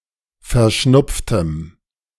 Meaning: strong dative masculine/neuter singular of verschnupft
- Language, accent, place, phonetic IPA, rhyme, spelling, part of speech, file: German, Germany, Berlin, [fɛɐ̯ˈʃnʊp͡ftəm], -ʊp͡ftəm, verschnupftem, adjective, De-verschnupftem.ogg